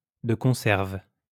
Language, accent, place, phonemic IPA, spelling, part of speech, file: French, France, Lyon, /də kɔ̃.sɛʁv/, de conserve, adverb, LL-Q150 (fra)-de conserve.wav
- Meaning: hand in hand, hand in glove, together, in concert